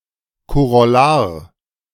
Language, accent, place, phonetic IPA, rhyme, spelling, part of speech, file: German, Germany, Berlin, [koʁɔˈlaːɐ̯], -aːɐ̯, Korollar, noun, De-Korollar.ogg
- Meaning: corollary (proposition which follows easily)